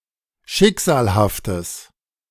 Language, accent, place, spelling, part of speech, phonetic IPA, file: German, Germany, Berlin, schicksalhaftes, adjective, [ˈʃɪkz̥aːlhaftəs], De-schicksalhaftes.ogg
- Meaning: strong/mixed nominative/accusative neuter singular of schicksalhaft